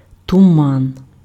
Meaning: fog
- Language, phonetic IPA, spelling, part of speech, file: Ukrainian, [tʊˈman], туман, noun, Uk-туман.ogg